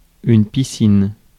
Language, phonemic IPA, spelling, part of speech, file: French, /pi.sin/, piscine, noun, Fr-piscine.ogg
- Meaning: 1. swimming pool 2. piscina